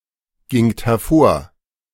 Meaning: second-person plural preterite of hervorgehen
- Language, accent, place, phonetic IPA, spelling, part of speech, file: German, Germany, Berlin, [ˌɡɪŋt hɛɐ̯ˈfoːɐ̯], gingt hervor, verb, De-gingt hervor.ogg